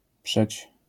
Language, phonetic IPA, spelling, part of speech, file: Polish, [pʃɛt͡ɕ], przeć, verb, LL-Q809 (pol)-przeć.wav